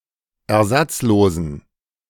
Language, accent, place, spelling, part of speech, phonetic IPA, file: German, Germany, Berlin, ersatzlosen, adjective, [ɛɐ̯ˈzat͡sˌloːzn̩], De-ersatzlosen.ogg
- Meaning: inflection of ersatzlos: 1. strong genitive masculine/neuter singular 2. weak/mixed genitive/dative all-gender singular 3. strong/weak/mixed accusative masculine singular 4. strong dative plural